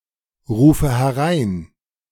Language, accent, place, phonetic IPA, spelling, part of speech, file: German, Germany, Berlin, [ˌʁuːfə hɛˈʁaɪ̯n], rufe herein, verb, De-rufe herein.ogg
- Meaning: inflection of hereinrufen: 1. first-person singular present 2. first/third-person singular subjunctive I 3. singular imperative